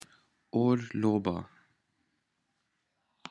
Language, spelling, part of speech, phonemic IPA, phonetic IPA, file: Pashto, اورلوبه, noun, /or.lo.ba/, [oɾ.ló.bä], Orloba.ogg
- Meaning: firework